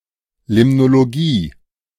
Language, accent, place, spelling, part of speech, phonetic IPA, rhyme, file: German, Germany, Berlin, Limnologie, noun, [ˌlɪmnoloˈɡiː], -iː, De-Limnologie.ogg
- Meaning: limnology